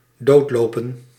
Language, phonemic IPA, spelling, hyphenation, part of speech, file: Dutch, /ˈdoːtloːpə(n)/, doodlopen, dood‧lo‧pen, verb, Nl-doodlopen.ogg
- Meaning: 1. to end in a dead end 2. to exhaust oneself by running 3. to outsail another ship